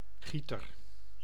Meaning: 1. a person who pours, e.g. a caster 2. a watering can etc
- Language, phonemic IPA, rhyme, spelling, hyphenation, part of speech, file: Dutch, /ˈɣi.tər/, -itər, gieter, gie‧ter, noun, Nl-gieter.ogg